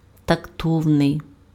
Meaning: tactful
- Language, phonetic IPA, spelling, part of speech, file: Ukrainian, [tɐkˈtɔu̯nei̯], тактовний, adjective, Uk-тактовний.ogg